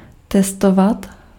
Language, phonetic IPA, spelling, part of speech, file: Czech, [ˈtɛstovat], testovat, verb, Cs-testovat.ogg
- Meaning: to test